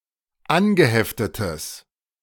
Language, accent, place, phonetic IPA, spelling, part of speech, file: German, Germany, Berlin, [ˈanɡəˌhɛftətəs], angeheftetes, adjective, De-angeheftetes.ogg
- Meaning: strong/mixed nominative/accusative neuter singular of angeheftet